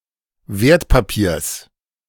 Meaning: genitive singular of Wertpapier
- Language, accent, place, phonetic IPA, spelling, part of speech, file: German, Germany, Berlin, [ˈveːɐ̯tpaˌpiːɐ̯s], Wertpapiers, noun, De-Wertpapiers.ogg